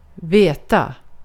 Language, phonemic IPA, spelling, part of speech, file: Swedish, /²veːta/, veta, verb, Sv-veta.ogg
- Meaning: to know; to be certain about, to have knowledge or (correct) information about